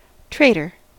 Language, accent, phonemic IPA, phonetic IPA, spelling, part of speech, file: English, US, /ˈtɹeɪtɚ/, [ˈtʰɹeɪɾɚ], traitor, noun / verb / adjective, En-us-traitor.ogg